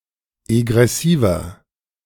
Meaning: inflection of egressiv: 1. strong/mixed nominative masculine singular 2. strong genitive/dative feminine singular 3. strong genitive plural
- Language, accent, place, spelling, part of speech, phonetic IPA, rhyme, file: German, Germany, Berlin, egressiver, adjective, [eɡʁɛˈsiːvɐ], -iːvɐ, De-egressiver.ogg